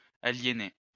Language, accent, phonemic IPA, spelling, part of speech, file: French, France, /a.lje.ne/, aliéner, verb, LL-Q150 (fra)-aliéner.wav
- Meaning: to alienate